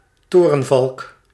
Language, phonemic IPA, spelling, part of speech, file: Dutch, /ˈtoː.rə(n).vɑlk/, torenvalk, noun, Nl-torenvalk.ogg
- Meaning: kestrel (Falco tinnunculus)